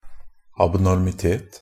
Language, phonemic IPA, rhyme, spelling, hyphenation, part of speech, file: Norwegian Bokmål, /abnɔrmɪˈteːt/, -eːt, abnormitet, ab‧nor‧mi‧tet, noun, NB - Pronunciation of Norwegian Bokmål «abnormitet».ogg
- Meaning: 1. abnormality (the state or quality of being abnormal) 2. an abnormality (something abnormal; an aberration)